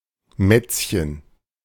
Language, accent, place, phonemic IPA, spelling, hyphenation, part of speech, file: German, Germany, Berlin, /ˈmɛt͡sçən/, Mätzchen, Mätz‧chen, noun, De-Mätzchen.ogg
- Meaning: antics, shenanigans